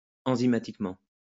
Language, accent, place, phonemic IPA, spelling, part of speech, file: French, France, Lyon, /ɑ̃.zi.ma.tik.mɑ̃/, enzymatiquement, adverb, LL-Q150 (fra)-enzymatiquement.wav
- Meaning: enzymatically